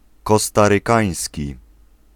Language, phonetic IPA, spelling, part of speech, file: Polish, [ˌkɔstarɨˈkãj̃sʲci], kostarykański, adjective, Pl-kostarykański.ogg